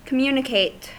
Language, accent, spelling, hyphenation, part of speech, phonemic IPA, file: English, US, communicate, com‧mu‧ni‧cate, verb, /kəˈmjuːnɪkeɪt/, En-us-communicate.ogg
- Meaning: To impart.: 1. To impart or transmit (information or knowledge) to someone; to make known, to tell 2. To impart or transmit (an intangible quantity, substance); to give a share of